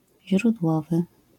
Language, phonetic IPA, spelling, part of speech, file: Polish, [ʑrudˈwɔvɨ], źródłowy, adjective, LL-Q809 (pol)-źródłowy.wav